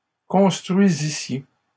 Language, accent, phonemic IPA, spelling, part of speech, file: French, Canada, /kɔ̃s.tʁɥi.zi.sje/, construisissiez, verb, LL-Q150 (fra)-construisissiez.wav
- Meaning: second-person plural imperfect subjunctive of construire